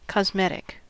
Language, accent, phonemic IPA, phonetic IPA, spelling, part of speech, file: English, US, /kɑzˈmɛt.ɪk/, [kɑzˈmɛɾ.ɪk], cosmetic, adjective / noun, En-us-cosmetic.ogg
- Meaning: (adjective) 1. Imparting or improving beauty, particularly the beauty of the complexion 2. External or superficial; pertaining only to the surface or appearance of something